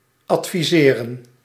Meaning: to recommend
- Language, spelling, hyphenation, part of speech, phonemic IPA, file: Dutch, adviseren, ad‧vi‧se‧ren, verb, /ɑtfiˈzeːrə(n)/, Nl-adviseren.ogg